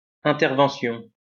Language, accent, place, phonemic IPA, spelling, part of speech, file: French, France, Lyon, /ɛ̃.tɛʁ.vɑ̃.sjɔ̃/, intervention, noun, LL-Q150 (fra)-intervention.wav
- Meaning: intervention